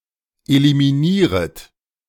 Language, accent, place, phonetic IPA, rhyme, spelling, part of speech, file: German, Germany, Berlin, [elimiˈniːʁət], -iːʁət, eliminieret, verb, De-eliminieret.ogg
- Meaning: second-person plural subjunctive I of eliminieren